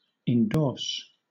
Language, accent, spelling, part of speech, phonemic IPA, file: English, Southern England, endorse, verb / noun, /ɪnˈdɔːs/, LL-Q1860 (eng)-endorse.wav
- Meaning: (verb) To express support or approval, especially officially or publicly; to give an endorsement